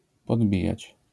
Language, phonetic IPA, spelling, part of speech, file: Polish, [pɔdˈbʲijät͡ɕ], podbijać, verb, LL-Q809 (pol)-podbijać.wav